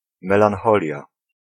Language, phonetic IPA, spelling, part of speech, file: Polish, [ˌmɛlãnˈxɔlʲja], melancholia, noun, Pl-melancholia.ogg